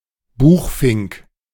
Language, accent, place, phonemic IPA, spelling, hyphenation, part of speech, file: German, Germany, Berlin, /ˈbuːxˌfɪŋk/, Buchfink, Buch‧fink, noun, De-Buchfink.ogg
- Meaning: chaffinch (Fringilla coelebs)